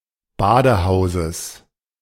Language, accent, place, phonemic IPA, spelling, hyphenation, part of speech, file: German, Germany, Berlin, /ˈbaːdəˌhaʊ̯zəs/, Badehauses, Ba‧de‧hau‧ses, noun, De-Badehauses.ogg
- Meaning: genitive singular of Badehaus